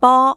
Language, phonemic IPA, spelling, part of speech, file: Cantonese, /pɔː⁵⁵/, bo1, romanization, Yue-bo1.ogg
- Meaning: 1. Jyutping transcription of 啵 2. Jyutping transcription of 坡 3. Jyutping transcription of 嶓 4. Jyutping transcription of 波 5. Jyutping transcription of 玻 6. Jyutping transcription of 碆